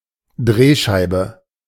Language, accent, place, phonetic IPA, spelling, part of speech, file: German, Germany, Berlin, [ˈdʁeːˌʃaɪ̯bə], Drehscheibe, noun, De-Drehscheibe.ogg
- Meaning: 1. rotary dial 2. turntable 3. potter's wheel 4. a person that can be used to connect to further contacts